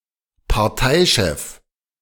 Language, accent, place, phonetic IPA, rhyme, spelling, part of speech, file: German, Germany, Berlin, [paʁˈtaɪ̯ˌʃɛf], -aɪ̯ʃɛf, Parteichef, noun, De-Parteichef.ogg
- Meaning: party leader